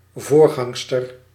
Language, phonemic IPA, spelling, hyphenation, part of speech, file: Dutch, /ˈvorɣɑŋstər/, voorgangster, voor‧gang‧ster, noun, Nl-voorgangster.ogg
- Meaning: 1. female predecessor 2. female pastor